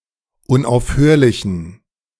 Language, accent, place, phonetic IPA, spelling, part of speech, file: German, Germany, Berlin, [ʊnʔaʊ̯fˈhøːɐ̯lɪçn̩], unaufhörlichen, adjective, De-unaufhörlichen.ogg
- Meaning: inflection of unaufhörlich: 1. strong genitive masculine/neuter singular 2. weak/mixed genitive/dative all-gender singular 3. strong/weak/mixed accusative masculine singular 4. strong dative plural